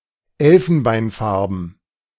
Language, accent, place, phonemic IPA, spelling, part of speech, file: German, Germany, Berlin, /ˈɛlfənbaɪ̯nˌfaɐ̯bən/, elfenbeinfarben, adjective, De-elfenbeinfarben.ogg
- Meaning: ivory (having colour of ivory)